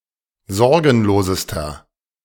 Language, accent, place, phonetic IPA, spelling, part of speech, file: German, Germany, Berlin, [ˈzɔʁɡn̩loːzəstɐ], sorgenlosester, adjective, De-sorgenlosester.ogg
- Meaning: inflection of sorgenlos: 1. strong/mixed nominative masculine singular superlative degree 2. strong genitive/dative feminine singular superlative degree 3. strong genitive plural superlative degree